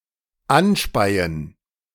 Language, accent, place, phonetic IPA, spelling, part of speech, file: German, Germany, Berlin, [ˈanˌʃpaɪ̯ən], anspeien, verb, De-anspeien.ogg
- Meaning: to spit at